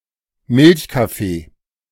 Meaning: 1. a coffee drink with a lot of milk, such as café au lait, latte 2. coffee with (a bit of) milk
- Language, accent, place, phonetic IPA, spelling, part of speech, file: German, Germany, Berlin, [ˈmɪlçkaˌfeː], Milchkaffee, noun, De-Milchkaffee.ogg